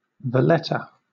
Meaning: 1. The capital city of Malta 2. The capital city of Malta.: The Maltese government
- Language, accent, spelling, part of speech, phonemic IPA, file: English, Southern England, Valletta, proper noun, /vəˈlɛtə/, LL-Q1860 (eng)-Valletta.wav